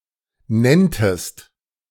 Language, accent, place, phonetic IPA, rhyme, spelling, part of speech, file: German, Germany, Berlin, [ˈnɛntəst], -ɛntəst, nenntest, verb, De-nenntest.ogg
- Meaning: second-person singular subjunctive II of nennen